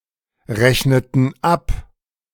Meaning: inflection of abrechnen: 1. first/third-person plural preterite 2. first/third-person plural subjunctive II
- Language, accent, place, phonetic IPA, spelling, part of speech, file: German, Germany, Berlin, [ˌʁɛçnətn̩ ˈap], rechneten ab, verb, De-rechneten ab.ogg